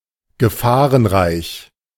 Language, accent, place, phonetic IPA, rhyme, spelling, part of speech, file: German, Germany, Berlin, [ɡəˈfaːʁənˌʁaɪ̯ç], -aːʁənʁaɪ̯ç, gefahrenreich, adjective, De-gefahrenreich.ogg
- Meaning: dangerous